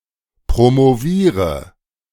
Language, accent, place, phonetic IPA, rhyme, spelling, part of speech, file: German, Germany, Berlin, [pʁomoˈviːʁə], -iːʁə, promoviere, verb, De-promoviere.ogg
- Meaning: inflection of promovieren: 1. first-person singular present 2. first/third-person singular subjunctive I 3. singular imperative